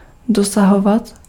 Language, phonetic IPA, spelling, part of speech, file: Czech, [ˈdosaɦovat], dosahovat, verb, Cs-dosahovat.ogg
- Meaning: to reach, to extend to